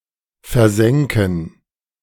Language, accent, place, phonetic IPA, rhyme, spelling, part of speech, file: German, Germany, Berlin, [fɛɐ̯ˈzɛŋkn̩], -ɛŋkn̩, versänken, verb, De-versänken.ogg
- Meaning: first-person plural subjunctive II of versinken